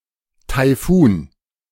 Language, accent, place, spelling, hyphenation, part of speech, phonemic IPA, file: German, Germany, Berlin, Taifun, Tai‧fun, noun, /taɪ̯ˈfuːn/, De-Taifun.ogg
- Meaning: typhoon